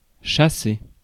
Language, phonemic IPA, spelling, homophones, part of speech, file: French, /ʃa.se/, chasser, chassé, verb, Fr-chasser.ogg
- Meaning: 1. to hunt 2. to chase 3. to drive off 4. to chassé